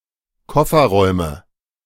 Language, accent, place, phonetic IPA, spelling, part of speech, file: German, Germany, Berlin, [ˈkɔfɐˌʁɔɪ̯mə], Kofferräume, noun, De-Kofferräume.ogg
- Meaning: nominative/accusative/genitive plural of Kofferraum